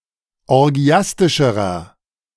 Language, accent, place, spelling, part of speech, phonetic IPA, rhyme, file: German, Germany, Berlin, orgiastischerer, adjective, [ɔʁˈɡi̯astɪʃəʁɐ], -astɪʃəʁɐ, De-orgiastischerer.ogg
- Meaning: inflection of orgiastisch: 1. strong/mixed nominative masculine singular comparative degree 2. strong genitive/dative feminine singular comparative degree 3. strong genitive plural comparative degree